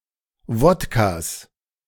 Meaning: 1. genitive singular of Wodka 2. plural of Wodka
- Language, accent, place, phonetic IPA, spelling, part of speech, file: German, Germany, Berlin, [ˈvɔtkas], Wodkas, noun, De-Wodkas.ogg